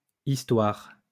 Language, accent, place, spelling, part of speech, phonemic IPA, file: French, France, Lyon, histoires, noun, /is.twaʁ/, LL-Q150 (fra)-histoires.wav
- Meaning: plural of histoire